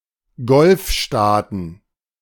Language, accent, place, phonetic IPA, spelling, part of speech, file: German, Germany, Berlin, [ˈɡɔlfˌʃtaːtn̩], Golfstaaten, noun, De-Golfstaaten.ogg
- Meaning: plural of Golfstaat